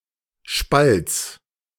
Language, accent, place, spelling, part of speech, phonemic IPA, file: German, Germany, Berlin, Spalts, noun, /ʃpalts/, De-Spalts.ogg
- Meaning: genitive singular of Spalt